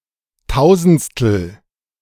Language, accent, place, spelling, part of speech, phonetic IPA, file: German, Germany, Berlin, tausendstel, adjective, [ˈtaʊ̯zn̩t͡stl̩], De-tausendstel.ogg
- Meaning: thousandth (thousandth part of)